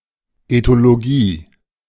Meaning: ethology
- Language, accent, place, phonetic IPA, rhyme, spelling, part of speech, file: German, Germany, Berlin, [ˌetoloˈɡiː], -iː, Ethologie, noun, De-Ethologie.ogg